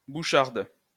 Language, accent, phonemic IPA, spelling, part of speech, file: French, France, /bu.ʃaʁd/, boucharde, noun, LL-Q150 (fra)-boucharde.wav
- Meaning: 1. a bush hammer 2. a granulating roller used to add marking to cement